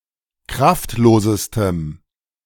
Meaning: strong dative masculine/neuter singular superlative degree of kraftlos
- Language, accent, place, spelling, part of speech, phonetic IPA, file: German, Germany, Berlin, kraftlosestem, adjective, [ˈkʁaftˌloːzəstəm], De-kraftlosestem.ogg